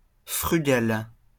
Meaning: frugal, austere
- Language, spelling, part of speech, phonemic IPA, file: French, frugal, adjective, /fʁy.ɡal/, LL-Q150 (fra)-frugal.wav